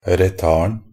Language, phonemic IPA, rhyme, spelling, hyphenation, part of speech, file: Norwegian Bokmål, /rəˈtɑːrn̩/, -ɑːrn̩, retarden, re‧tard‧en, noun, Nb-retarden.ogg
- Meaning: definite singular of retard